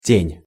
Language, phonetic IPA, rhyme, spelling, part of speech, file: Russian, [tʲenʲ], -enʲ, тень, noun, Ru-тень.ogg
- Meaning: 1. shade 2. shadow 3. vestige, particle, atom, hint 4. eye shadow 5. apparition, phantom, ghost